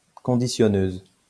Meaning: female equivalent of conditionneur
- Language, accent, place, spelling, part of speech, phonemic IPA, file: French, France, Lyon, conditionneuse, noun, /kɔ̃.di.sjɔ.nøz/, LL-Q150 (fra)-conditionneuse.wav